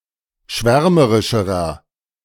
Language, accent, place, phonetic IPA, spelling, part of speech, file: German, Germany, Berlin, [ˈʃvɛʁməʁɪʃəʁɐ], schwärmerischerer, adjective, De-schwärmerischerer.ogg
- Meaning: inflection of schwärmerisch: 1. strong/mixed nominative masculine singular comparative degree 2. strong genitive/dative feminine singular comparative degree